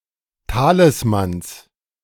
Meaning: genitive singular of Talisman
- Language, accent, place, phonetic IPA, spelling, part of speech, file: German, Germany, Berlin, [ˈtaːlɪsmans], Talismans, noun, De-Talismans.ogg